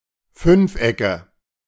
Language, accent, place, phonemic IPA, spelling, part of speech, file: German, Germany, Berlin, /ˈfʏnfˌʔɛkə/, Fünfecke, noun, De-Fünfecke.ogg
- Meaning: nominative/accusative/genitive plural of Fünfeck